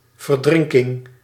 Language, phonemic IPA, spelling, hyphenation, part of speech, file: Dutch, /vərˈdrɪŋ.kɪŋ/, verdrinking, ver‧drin‧king, noun, Nl-verdrinking.ogg
- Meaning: drowning